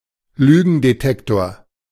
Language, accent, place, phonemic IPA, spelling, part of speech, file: German, Germany, Berlin, /ˈlyːɡəndeˌtɛktoːr/, Lügendetektor, noun, De-Lügendetektor.ogg
- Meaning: lie detector